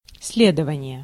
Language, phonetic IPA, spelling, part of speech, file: Russian, [ˈs⁽ʲ⁾lʲedəvənʲɪje], следование, noun, Ru-следование.ogg
- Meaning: 1. movement 2. compliance